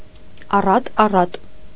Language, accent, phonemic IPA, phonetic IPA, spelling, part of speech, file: Armenian, Eastern Armenian, /ɑrɑt ɑˈrɑt/, [ɑrɑt ɑrɑ́t], առատ-առատ, adverb, Hy-առատ-առատ.ogg
- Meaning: very abundantly, aboundingly, plentifully, copiously